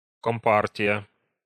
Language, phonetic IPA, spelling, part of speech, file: Russian, [ˌkomˈpartʲɪjə], компартия, noun, Ru-компартия.ogg
- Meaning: Communist party